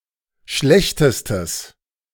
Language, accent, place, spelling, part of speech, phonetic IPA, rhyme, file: German, Germany, Berlin, schlechtestes, adjective, [ˈʃlɛçtəstəs], -ɛçtəstəs, De-schlechtestes.ogg
- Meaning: strong/mixed nominative/accusative neuter singular superlative degree of schlecht